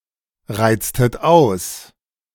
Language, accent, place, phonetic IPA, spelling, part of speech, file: German, Germany, Berlin, [ˌʁaɪ̯t͡stət ˈaʊ̯s], reiztet aus, verb, De-reiztet aus.ogg
- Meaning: inflection of ausreizen: 1. second-person plural preterite 2. second-person plural subjunctive II